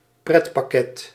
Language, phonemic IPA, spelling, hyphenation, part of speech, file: Dutch, /ˈprɛt.pɑˌkɛt/, pretpakket, pret‧pak‧ket, noun, Nl-pretpakket.ogg
- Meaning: any curriculum in secondary education with no or relatively mathematics and science subjects; currently the nickname of the cultuur en maatschappij curriculum